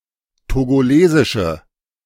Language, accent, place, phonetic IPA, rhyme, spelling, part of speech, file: German, Germany, Berlin, [toɡoˈleːzɪʃə], -eːzɪʃə, togolesische, adjective, De-togolesische.ogg
- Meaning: inflection of togolesisch: 1. strong/mixed nominative/accusative feminine singular 2. strong nominative/accusative plural 3. weak nominative all-gender singular